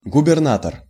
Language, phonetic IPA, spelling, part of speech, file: Russian, [ɡʊbʲɪrˈnatər], губернатор, noun, Ru-губернатор.ogg
- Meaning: governor